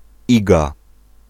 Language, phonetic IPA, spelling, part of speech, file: Polish, [ˈiɡa], Iga, proper noun, Pl-Iga.ogg